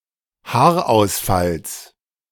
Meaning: genitive singular of Haarausfall
- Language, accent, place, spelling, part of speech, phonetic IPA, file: German, Germany, Berlin, Haarausfalls, noun, [ˈhaːɐ̯ʔaʊ̯sˌfals], De-Haarausfalls.ogg